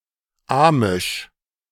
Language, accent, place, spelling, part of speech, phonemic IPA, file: German, Germany, Berlin, amisch, adjective, /ˈaːmɪʃ/, De-amisch.ogg
- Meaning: Amish